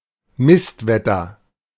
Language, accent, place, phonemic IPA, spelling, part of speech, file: German, Germany, Berlin, /ˈmɪstˌvɛtɐ/, Mistwetter, noun, De-Mistwetter.ogg
- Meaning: bad weather, typically rainy and cold